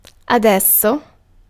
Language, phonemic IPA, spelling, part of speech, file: Italian, /aˈdɛss.o/, adesso, adverb, It-adesso.ogg